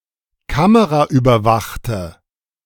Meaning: inflection of kameraüberwacht: 1. strong/mixed nominative/accusative feminine singular 2. strong nominative/accusative plural 3. weak nominative all-gender singular
- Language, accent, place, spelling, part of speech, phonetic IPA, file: German, Germany, Berlin, kameraüberwachte, adjective, [ˈkaməʁaʔyːbɐˌvaxtə], De-kameraüberwachte.ogg